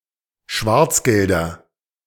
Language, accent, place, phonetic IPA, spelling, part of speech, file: German, Germany, Berlin, [ˈʃvaʁt͡sˌɡɛldɐ], Schwarzgelder, noun, De-Schwarzgelder.ogg
- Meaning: nominative/accusative/genitive plural of Schwarzgeld